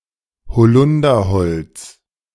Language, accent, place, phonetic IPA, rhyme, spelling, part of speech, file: German, Germany, Berlin, [bəˈt͡sɔɪ̯kst], -ɔɪ̯kst, bezeugst, verb, De-bezeugst.ogg
- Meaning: second-person singular present of bezeugen